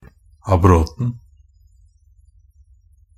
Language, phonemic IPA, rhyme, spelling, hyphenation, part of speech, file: Norwegian Bokmål, /aˈbrɔtn̩/, -ɔtn̩, abroten, ab‧rot‧en, noun, NB - Pronunciation of Norwegian Bokmål «abroten».ogg
- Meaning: definite singular of abrot